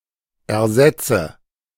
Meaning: inflection of ersetzen: 1. first-person singular present 2. first/third-person singular subjunctive I 3. singular imperative
- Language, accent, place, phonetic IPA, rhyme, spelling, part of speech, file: German, Germany, Berlin, [ɛɐ̯ˈzɛt͡sə], -ɛt͡sə, ersetze, verb, De-ersetze.ogg